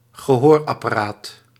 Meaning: hearing aid
- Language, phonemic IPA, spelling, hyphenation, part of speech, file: Dutch, /ɣəˈɦoːr.ɑ.paːˌraːt/, gehoorapparaat, ge‧hoor‧ap‧pa‧raat, noun, Nl-gehoorapparaat.ogg